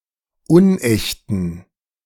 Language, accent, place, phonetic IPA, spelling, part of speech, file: German, Germany, Berlin, [ˈʊnˌʔɛçtn̩], unechten, adjective, De-unechten.ogg
- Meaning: inflection of unecht: 1. strong genitive masculine/neuter singular 2. weak/mixed genitive/dative all-gender singular 3. strong/weak/mixed accusative masculine singular 4. strong dative plural